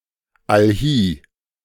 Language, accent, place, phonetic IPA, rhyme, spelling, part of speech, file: German, Germany, Berlin, [alˈhiː], -iː, allhie, adverb, De-allhie.ogg
- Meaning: alternative form of allhier